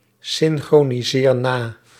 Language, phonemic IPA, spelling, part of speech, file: Dutch, /sɪŋxroniˈzer ˈna/, synchroniseer na, verb, Nl-synchroniseer na.ogg
- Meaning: inflection of nasynchroniseren: 1. first-person singular present indicative 2. second-person singular present indicative 3. imperative